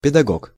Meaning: pedagogue, teacher
- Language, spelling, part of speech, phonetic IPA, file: Russian, педагог, noun, [pʲɪdɐˈɡok], Ru-педагог.ogg